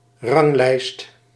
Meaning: a ranking in the form of a list
- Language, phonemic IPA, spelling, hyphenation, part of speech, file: Dutch, /ˈrɑŋˌlɛi̯st/, ranglijst, rang‧lijst, noun, Nl-ranglijst.ogg